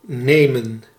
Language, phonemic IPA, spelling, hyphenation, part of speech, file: Dutch, /ˈneːmə(n)/, nemen, ne‧men, verb, Nl-nemen.ogg
- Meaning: 1. to take, to take hold of, to grasp or grab 2. to take, to choose out of some options, to pick 3. to take, to use a particular route or type of transport 4. to take, to consume, to eat or drink